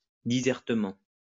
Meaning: 1. eloquently 2. talkatively
- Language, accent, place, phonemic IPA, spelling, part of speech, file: French, France, Lyon, /di.zɛʁ.tə.mɑ̃/, disertement, adverb, LL-Q150 (fra)-disertement.wav